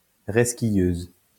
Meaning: female equivalent of resquilleur
- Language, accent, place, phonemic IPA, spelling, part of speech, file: French, France, Lyon, /ʁɛs.ki.jøz/, resquilleuse, noun, LL-Q150 (fra)-resquilleuse.wav